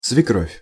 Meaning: the mother of one's husband; mother-in-law
- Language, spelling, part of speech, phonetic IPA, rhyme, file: Russian, свекровь, noun, [svʲɪˈkrofʲ], -ofʲ, Ru-свекровь.ogg